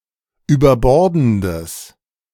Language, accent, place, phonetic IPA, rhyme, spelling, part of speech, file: German, Germany, Berlin, [yːbɐˈbɔʁdn̩dəs], -ɔʁdn̩dəs, überbordendes, adjective, De-überbordendes.ogg
- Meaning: strong/mixed nominative/accusative neuter singular of überbordend